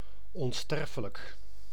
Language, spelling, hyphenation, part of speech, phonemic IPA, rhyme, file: Dutch, onsterfelijk, on‧ster‧fe‧lijk, adjective, /ɔnˈstɛr.fə.lək/, -ɛrfələk, Nl-onsterfelijk.ogg
- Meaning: 1. immortal, not susceptible to death 2. unforgettable, lasting; spectacular